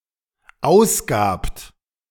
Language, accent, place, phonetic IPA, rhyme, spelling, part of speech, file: German, Germany, Berlin, [ˈaʊ̯sˌɡaːpt], -aʊ̯sɡaːpt, ausgabt, verb, De-ausgabt.ogg
- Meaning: second-person plural dependent preterite of ausgeben